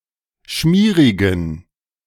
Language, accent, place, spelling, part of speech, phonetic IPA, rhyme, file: German, Germany, Berlin, schmierigen, adjective, [ˈʃmiːʁɪɡn̩], -iːʁɪɡn̩, De-schmierigen.ogg
- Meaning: inflection of schmierig: 1. strong genitive masculine/neuter singular 2. weak/mixed genitive/dative all-gender singular 3. strong/weak/mixed accusative masculine singular 4. strong dative plural